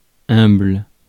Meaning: humble
- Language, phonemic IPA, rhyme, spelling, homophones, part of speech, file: French, /œ̃bl/, -œ̃bl, humble, humbles, adjective, Fr-humble.ogg